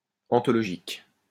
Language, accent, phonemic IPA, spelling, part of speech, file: French, France, /ɑ̃.tɔ.lɔ.ʒik/, anthologique, adjective, LL-Q150 (fra)-anthologique.wav
- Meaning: 1. anthological 2. extraordinary